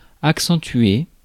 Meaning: 1. to accentuate (emphasize) 2. to intensify 3. to accent (put an accent on a letter or symbol etc.)
- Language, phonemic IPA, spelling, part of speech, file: French, /ak.sɑ̃.tɥe/, accentuer, verb, Fr-accentuer.ogg